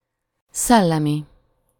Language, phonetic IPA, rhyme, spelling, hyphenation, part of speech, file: Hungarian, [ˈsɛlːɛmi], -mi, szellemi, szel‧le‧mi, adjective, Hu-szellemi.ogg
- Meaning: 1. intellectual 2. psychic 3. spiritual